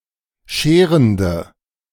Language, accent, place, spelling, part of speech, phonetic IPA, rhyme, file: German, Germany, Berlin, scherende, adjective, [ˈʃeːʁəndə], -eːʁəndə, De-scherende.ogg
- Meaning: inflection of scherend: 1. strong/mixed nominative/accusative feminine singular 2. strong nominative/accusative plural 3. weak nominative all-gender singular